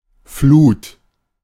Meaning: 1. flow, flood, high tide (rising movement of the tide; the time around when it reaches its peak) 2. flood(s), great masses of water, usually of the sea
- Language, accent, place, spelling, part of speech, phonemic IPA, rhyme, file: German, Germany, Berlin, Flut, noun, /fluːt/, -uːt, De-Flut.ogg